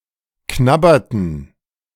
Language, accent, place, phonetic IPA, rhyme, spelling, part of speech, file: German, Germany, Berlin, [ˈknabɐtn̩], -abɐtn̩, knabberten, verb, De-knabberten.ogg
- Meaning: inflection of knabbern: 1. first/third-person plural preterite 2. first/third-person plural subjunctive II